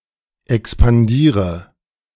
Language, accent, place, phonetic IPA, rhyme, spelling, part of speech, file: German, Germany, Berlin, [ɛkspanˈdiːʁə], -iːʁə, expandiere, verb, De-expandiere.ogg
- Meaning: inflection of expandieren: 1. first-person singular present 2. first/third-person singular subjunctive I 3. singular imperative